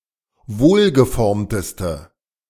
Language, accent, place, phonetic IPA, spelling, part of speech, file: German, Germany, Berlin, [ˈvoːlɡəˌfɔʁmtəstə], wohlgeformteste, adjective, De-wohlgeformteste.ogg
- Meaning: inflection of wohlgeformt: 1. strong/mixed nominative/accusative feminine singular superlative degree 2. strong nominative/accusative plural superlative degree